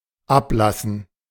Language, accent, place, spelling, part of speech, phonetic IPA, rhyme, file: German, Germany, Berlin, Ablassen, noun, [ˈaplasn̩], -aplasn̩, De-Ablassen.ogg
- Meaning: gerund of ablassen